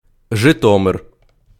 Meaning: Zhytomyr (a city in Ukraine)
- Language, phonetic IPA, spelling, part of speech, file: Ukrainian, [ʒeˈtɔmer], Житомир, proper noun, Uk-Житомир.ogg